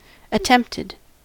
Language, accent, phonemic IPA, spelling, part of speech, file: English, US, /əˈtɛmptɪd/, attempted, adjective / verb, En-us-attempted.ogg
- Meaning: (adjective) Tried, with the connotation of failure; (verb) simple past and past participle of attempt